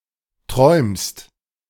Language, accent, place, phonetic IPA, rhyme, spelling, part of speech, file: German, Germany, Berlin, [tʁɔɪ̯mst], -ɔɪ̯mst, träumst, verb, De-träumst.ogg
- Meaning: second-person singular present of träumen